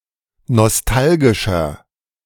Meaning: 1. comparative degree of nostalgisch 2. inflection of nostalgisch: strong/mixed nominative masculine singular 3. inflection of nostalgisch: strong genitive/dative feminine singular
- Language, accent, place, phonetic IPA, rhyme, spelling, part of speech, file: German, Germany, Berlin, [nɔsˈtalɡɪʃɐ], -alɡɪʃɐ, nostalgischer, adjective, De-nostalgischer.ogg